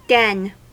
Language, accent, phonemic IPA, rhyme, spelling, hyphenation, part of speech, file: English, US, /ˈdɛn/, -ɛn, den, den, noun / verb, En-us-den.ogg
- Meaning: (noun) 1. A small cavern or hollow place in the side of a hill, or among rocks; especially, a cave used by a wild animal for shelter or concealment 2. A squalid or wretched place; a haunt